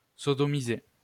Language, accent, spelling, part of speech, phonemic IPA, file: French, France, sodomiser, verb, /sɔ.dɔ.mi.ze/, LL-Q150 (fra)-sodomiser.wav
- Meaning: to sodomise